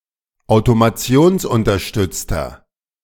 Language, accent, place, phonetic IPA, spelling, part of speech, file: German, Germany, Berlin, [aʊ̯tomaˈt͡si̯oːnsʔʊntɐˌʃtʏt͡stɐ], automationsunterstützter, adjective, De-automationsunterstützter.ogg
- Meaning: inflection of automationsunterstützt: 1. strong/mixed nominative masculine singular 2. strong genitive/dative feminine singular 3. strong genitive plural